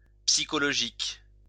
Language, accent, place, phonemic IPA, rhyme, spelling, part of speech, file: French, France, Lyon, /psi.kɔ.lɔ.ʒik/, -ik, psychologique, adjective, LL-Q150 (fra)-psychologique.wav
- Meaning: psychological